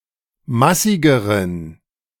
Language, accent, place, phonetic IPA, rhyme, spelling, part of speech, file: German, Germany, Berlin, [ˈmasɪɡəʁən], -asɪɡəʁən, massigeren, adjective, De-massigeren.ogg
- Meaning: inflection of massig: 1. strong genitive masculine/neuter singular comparative degree 2. weak/mixed genitive/dative all-gender singular comparative degree